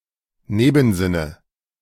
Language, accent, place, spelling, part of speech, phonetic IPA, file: German, Germany, Berlin, Nebensinne, noun, [ˈneːbn̩ˌzɪnə], De-Nebensinne.ogg
- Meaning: nominative/accusative/genitive plural of Nebensinn